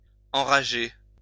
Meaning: 1. to have rabies 2. to enrage, anger, infuriate 3. to inflame, arouse
- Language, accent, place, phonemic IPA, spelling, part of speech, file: French, France, Lyon, /ɑ̃.ʁa.ʒe/, enrager, verb, LL-Q150 (fra)-enrager.wav